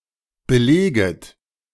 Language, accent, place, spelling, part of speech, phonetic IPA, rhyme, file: German, Germany, Berlin, beleget, verb, [bəˈleːɡət], -eːɡət, De-beleget.ogg
- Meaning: second-person plural subjunctive I of belegen